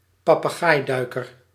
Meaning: puffin (Fratercula arctica), a diving seabird with a coloured beak
- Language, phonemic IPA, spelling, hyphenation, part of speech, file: Dutch, /pɑpəˈɣaːjˌdœy̯kər/, papegaaiduiker, pa‧pe‧gaai‧dui‧ker, noun, Nl-papegaaiduiker.ogg